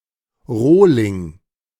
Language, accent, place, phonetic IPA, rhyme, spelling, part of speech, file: German, Germany, Berlin, [ˈʁoːlɪŋ], -oːlɪŋ, Rohling, noun, De-Rohling.ogg
- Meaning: 1. brute 2. blank